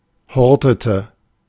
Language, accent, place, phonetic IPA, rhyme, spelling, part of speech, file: German, Germany, Berlin, [ˈhɔʁtətə], -ɔʁtətə, hortete, verb, De-hortete.ogg
- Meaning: inflection of horten: 1. first/third-person singular preterite 2. first/third-person singular subjunctive II